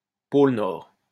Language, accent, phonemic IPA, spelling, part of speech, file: French, France, /pol nɔʁ/, pôle Nord, noun, LL-Q150 (fra)-pôle Nord.wav
- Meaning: 1. north pole (northernmost point on celestial bodies) 2. North Pole (of Earth)